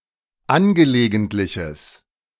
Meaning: strong/mixed nominative/accusative neuter singular of angelegentlich
- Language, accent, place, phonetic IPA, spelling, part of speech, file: German, Germany, Berlin, [ˈanɡəleːɡəntlɪçəs], angelegentliches, adjective, De-angelegentliches.ogg